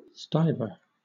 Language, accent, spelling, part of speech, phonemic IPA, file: English, Southern England, stuiver, noun, /ˈstaɪvɚ/, LL-Q1860 (eng)-stuiver.wav
- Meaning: stiver